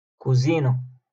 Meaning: kitchen
- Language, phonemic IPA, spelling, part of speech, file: Moroccan Arabic, /kuː.ziː.na/, كوزينة, noun, LL-Q56426 (ary)-كوزينة.wav